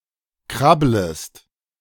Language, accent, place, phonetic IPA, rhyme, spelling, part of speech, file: German, Germany, Berlin, [ˈkʁabləst], -abləst, krabblest, verb, De-krabblest.ogg
- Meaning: second-person singular subjunctive I of krabbeln